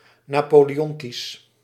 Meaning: Napoleonic
- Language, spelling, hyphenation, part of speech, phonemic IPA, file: Dutch, napoleontisch, na‧po‧le‧on‧tisch, adjective, /naːˌpoː.leːˈɔn.tis/, Nl-napoleontisch.ogg